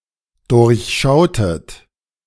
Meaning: inflection of durchschauen: 1. second-person plural dependent preterite 2. second-person plural dependent subjunctive II
- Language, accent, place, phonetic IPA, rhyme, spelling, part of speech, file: German, Germany, Berlin, [ˌdʊʁçˈʃaʊ̯tət], -aʊ̯tət, durchschautet, verb, De-durchschautet.ogg